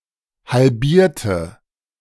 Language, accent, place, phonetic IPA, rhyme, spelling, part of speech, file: German, Germany, Berlin, [halˈbiːɐ̯tə], -iːɐ̯tə, halbierte, adjective / verb, De-halbierte.ogg
- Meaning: inflection of halbieren: 1. first/third-person singular preterite 2. first/third-person singular subjunctive II